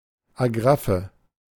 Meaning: 1. agraffe (decorated clasp used for fastening clothes) 2. agraffe (carved keystone) 3. the wire holding a champagne cork in place
- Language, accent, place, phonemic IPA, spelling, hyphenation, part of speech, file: German, Germany, Berlin, /aˈɡʁafə/, Agraffe, Ag‧raf‧fe, noun, De-Agraffe.ogg